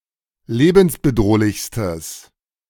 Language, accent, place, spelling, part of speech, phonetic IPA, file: German, Germany, Berlin, lebensbedrohlichstes, adjective, [ˈleːbn̩sbəˌdʁoːlɪçstəs], De-lebensbedrohlichstes.ogg
- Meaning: strong/mixed nominative/accusative neuter singular superlative degree of lebensbedrohlich